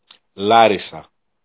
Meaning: Larissa (a city in Greece)
- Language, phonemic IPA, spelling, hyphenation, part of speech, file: Greek, /ˈlarisa/, Λάρισα, Λά‧ρι‧σα, proper noun, El-Λάρισα.ogg